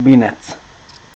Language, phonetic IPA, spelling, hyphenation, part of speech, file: Czech, [ˈbɪnɛt͡s], binec, bi‧nec, noun, Cs-binec.ogg
- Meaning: mess (disagreeable mixture or confusion of things)